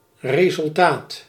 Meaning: result
- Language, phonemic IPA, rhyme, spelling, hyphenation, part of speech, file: Dutch, /reː.zʏlˈtaːt/, -aːt, resultaat, re‧sul‧taat, noun, Nl-resultaat.ogg